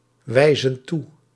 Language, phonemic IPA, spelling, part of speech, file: Dutch, /ˈwɛizə(n) ˈtu/, wijzen toe, verb, Nl-wijzen toe.ogg
- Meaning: inflection of toewijzen: 1. plural present indicative 2. plural present subjunctive